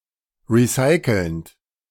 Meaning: present participle of recyceln
- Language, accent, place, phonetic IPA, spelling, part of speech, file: German, Germany, Berlin, [ˌʁiˈsaɪ̯kl̩nt], recycelnd, verb, De-recycelnd.ogg